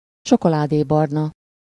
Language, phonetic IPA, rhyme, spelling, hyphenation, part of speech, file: Hungarian, [ˈt͡ʃokolaːdeːbɒrnɒ], -nɒ, csokoládébarna, cso‧ko‧lá‧dé‧bar‧na, adjective, Hu-csokoládébarna.ogg
- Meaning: chocolate (color)